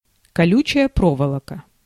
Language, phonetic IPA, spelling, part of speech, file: Russian, [kɐˈlʲʉt͡ɕɪjə ˈprovəɫəkə], колючая проволока, noun, Ru-колючая проволока.ogg
- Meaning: barbed wire